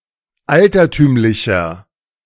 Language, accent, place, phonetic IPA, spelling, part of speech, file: German, Germany, Berlin, [ˈaltɐˌtyːmlɪçɐ], altertümlicher, adjective, De-altertümlicher.ogg
- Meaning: inflection of altertümlich: 1. strong/mixed nominative masculine singular 2. strong genitive/dative feminine singular 3. strong genitive plural